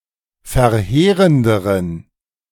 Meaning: inflection of verheerend: 1. strong genitive masculine/neuter singular comparative degree 2. weak/mixed genitive/dative all-gender singular comparative degree
- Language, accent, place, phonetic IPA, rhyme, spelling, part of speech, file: German, Germany, Berlin, [fɛɐ̯ˈheːʁəndəʁən], -eːʁəndəʁən, verheerenderen, adjective, De-verheerenderen.ogg